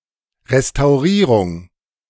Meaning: restoration
- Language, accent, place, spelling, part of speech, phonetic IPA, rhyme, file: German, Germany, Berlin, Restaurierung, noun, [ʁestaʊ̯ˈʁiːʁʊŋ], -iːʁʊŋ, De-Restaurierung.ogg